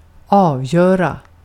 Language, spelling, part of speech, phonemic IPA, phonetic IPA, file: Swedish, avgöra, verb, /²ɑːvˌjøːra/, [²ɑːvˌjœ̞ːra], Sv-avgöra.ogg
- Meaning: 1. to determine, to decide 2. to make the deciding goal or point